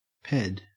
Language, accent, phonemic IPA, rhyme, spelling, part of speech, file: English, Australia, /pɛd/, -ɛd, ped, noun, En-au-ped.ogg
- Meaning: 1. A pedestrian 2. A pedestal 3. A motorcycle 4. A pedophile 5. A basket; a hamper; a pannier 6. An aggregate of soil particles that forms a structural unit in soil